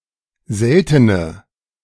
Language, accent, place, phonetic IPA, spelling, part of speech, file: German, Germany, Berlin, [ˈzɛltənə], seltene, adjective, De-seltene.ogg
- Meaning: inflection of selten: 1. strong/mixed nominative/accusative feminine singular 2. strong nominative/accusative plural 3. weak nominative all-gender singular 4. weak accusative feminine/neuter singular